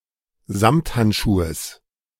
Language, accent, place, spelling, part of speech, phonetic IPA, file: German, Germany, Berlin, Samthandschuhes, noun, [ˈzamthantˌʃuːəs], De-Samthandschuhes.ogg
- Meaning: genitive singular of Samthandschuh